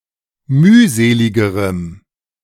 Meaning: strong dative masculine/neuter singular comparative degree of mühselig
- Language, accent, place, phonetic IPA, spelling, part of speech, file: German, Germany, Berlin, [ˈmyːˌzeːlɪɡəʁəm], mühseligerem, adjective, De-mühseligerem.ogg